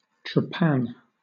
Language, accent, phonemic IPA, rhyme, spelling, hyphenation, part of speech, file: English, Southern England, /tɹəˈpæn/, -æn, trapan, trap‧an, noun / verb, LL-Q1860 (eng)-trapan.wav
- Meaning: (noun) An act of entrapping or tricking; an entrapment; also, a thing which entraps or tricks; a snare or trap; a stratagem or trick